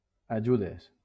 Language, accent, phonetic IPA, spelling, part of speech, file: Catalan, Valencia, [aˈd͡ʒu.ðes], ajudes, verb / noun, LL-Q7026 (cat)-ajudes.wav
- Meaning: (verb) second-person singular present indicative of ajudar; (noun) plural of ajuda